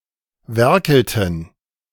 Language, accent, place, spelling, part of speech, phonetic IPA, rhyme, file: German, Germany, Berlin, werkelten, verb, [ˈvɛʁkl̩tn̩], -ɛʁkl̩tn̩, De-werkelten.ogg
- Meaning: inflection of werkeln: 1. first/third-person plural preterite 2. first/third-person plural subjunctive II